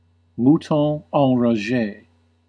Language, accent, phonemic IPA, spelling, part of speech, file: English, US, /ˈmu.tɑ̃ ɑ̃.ɹɹɑˈʒeɪ/, mouton enragé, noun, En-us-mouton enragé.ogg
- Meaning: A normally peaceful person who has become suddenly and uncharacteristically angry